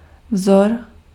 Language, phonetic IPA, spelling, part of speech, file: Czech, [ˈvzor], vzor, noun, Cs-vzor.ogg
- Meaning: 1. paradigm 2. model; example; pattern